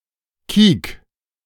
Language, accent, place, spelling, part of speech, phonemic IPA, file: German, Germany, Berlin, kiek, verb, /kiːk/, De-kiek.ogg
- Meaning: 1. singular imperative of kieken 2. first-person singular present of kieken